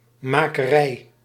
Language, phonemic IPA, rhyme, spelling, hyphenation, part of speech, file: Dutch, /ˌmaː.kəˈrɛi̯/, -ɛi̯, makerij, ma‧ke‧rij, noun, Nl-makerij.ogg
- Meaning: 1. workshop 2. production facility